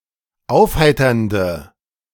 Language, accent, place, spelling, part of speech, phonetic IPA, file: German, Germany, Berlin, aufheiternde, adjective, [ˈaʊ̯fˌhaɪ̯tɐndə], De-aufheiternde.ogg
- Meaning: inflection of aufheiternd: 1. strong/mixed nominative/accusative feminine singular 2. strong nominative/accusative plural 3. weak nominative all-gender singular